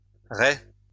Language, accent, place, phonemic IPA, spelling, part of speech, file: French, France, Lyon, /ʁɛ/, raies, noun, LL-Q150 (fra)-raies.wav
- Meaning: plural of raie